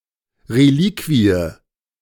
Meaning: relic
- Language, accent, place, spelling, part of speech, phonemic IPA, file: German, Germany, Berlin, Reliquie, noun, /reˈliːkviə/, De-Reliquie.ogg